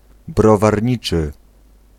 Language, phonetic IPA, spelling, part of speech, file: Polish, [ˌbrɔvarʲˈɲit͡ʃɨ], browarniczy, adjective, Pl-browarniczy.ogg